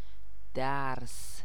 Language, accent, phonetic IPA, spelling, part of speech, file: Persian, Iran, [d̪æɹs], درس, noun, Fa-درس.ogg
- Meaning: 1. lesson 2. lecture 3. threshing, act of separation of grain from the straw or husks by mechanical beating, with a flail or machinery